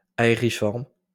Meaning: aeriform
- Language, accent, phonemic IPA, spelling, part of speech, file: French, France, /a.e.ʁi.fɔʁm/, aériforme, adjective, LL-Q150 (fra)-aériforme.wav